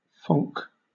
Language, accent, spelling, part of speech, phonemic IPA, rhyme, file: English, Southern England, phonk, noun, /fɒŋk/, -ɒŋk, LL-Q1860 (eng)-phonk.wav
- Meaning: 1. A style of music derived from hip-hop and trap music, directly inspired by 1990s Memphis rap 2. Drift phonk